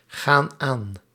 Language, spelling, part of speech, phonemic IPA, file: Dutch, gaan aan, verb, /ˈɣan ˈan/, Nl-gaan aan.ogg
- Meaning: inflection of aangaan: 1. plural present indicative 2. plural present subjunctive